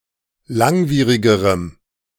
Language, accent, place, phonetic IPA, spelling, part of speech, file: German, Germany, Berlin, [ˈlaŋˌviːʁɪɡəʁəm], langwierigerem, adjective, De-langwierigerem.ogg
- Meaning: strong dative masculine/neuter singular comparative degree of langwierig